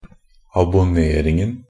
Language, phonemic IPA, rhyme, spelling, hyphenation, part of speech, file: Norwegian Bokmål, /abʊˈneːrɪŋn̩/, -ɪŋn̩, abonneringen, ab‧on‧ne‧ring‧en, noun, NB - Pronunciation of Norwegian Bokmål «abonneringen».ogg
- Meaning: definite singular of abonnering